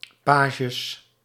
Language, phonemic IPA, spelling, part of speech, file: Dutch, /ˈpaɣəs/, pages, adjective / noun, Nl-pages.ogg
- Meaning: plural of page